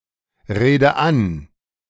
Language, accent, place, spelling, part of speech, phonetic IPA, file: German, Germany, Berlin, rede an, verb, [ˌʁeːdə ˈan], De-rede an.ogg
- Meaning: inflection of anreden: 1. first-person singular present 2. first/third-person singular subjunctive I 3. singular imperative